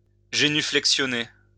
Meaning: to genuflect
- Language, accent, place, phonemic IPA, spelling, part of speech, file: French, France, Lyon, /ʒe.ny.flɛk.sjɔ.ne/, génuflexionner, verb, LL-Q150 (fra)-génuflexionner.wav